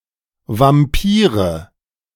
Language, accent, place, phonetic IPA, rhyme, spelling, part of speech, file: German, Germany, Berlin, [vamˈpiːʁə], -iːʁə, Vampire, noun, De-Vampire.ogg
- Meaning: nominative/accusative/genitive plural of Vampir